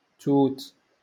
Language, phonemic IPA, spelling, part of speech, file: Moroccan Arabic, /tuːt/, توت, noun, LL-Q56426 (ary)-توت.wav
- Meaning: berry